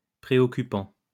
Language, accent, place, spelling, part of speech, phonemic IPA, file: French, France, Lyon, préoccupant, verb / adjective, /pʁe.ɔ.ky.pɑ̃/, LL-Q150 (fra)-préoccupant.wav
- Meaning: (verb) present participle of préoccuper; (adjective) worrying, disquieting